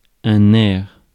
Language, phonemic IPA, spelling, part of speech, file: French, /nɛʁ/, nerf, noun, Fr-nerf.ogg
- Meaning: 1. nerve 2. force, power, strength